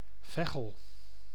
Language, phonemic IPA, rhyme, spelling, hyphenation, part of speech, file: Dutch, /ˈvɛ.ɣəl/, -ɛɣəl, Veghel, Vegh‧el, proper noun, Nl-Veghel.ogg
- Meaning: a town and former municipality of Meierijstad, North Brabant, Netherlands